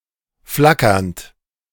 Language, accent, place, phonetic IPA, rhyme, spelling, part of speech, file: German, Germany, Berlin, [ˈflakɐnt], -akɐnt, flackernd, verb, De-flackernd.ogg
- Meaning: present participle of flackern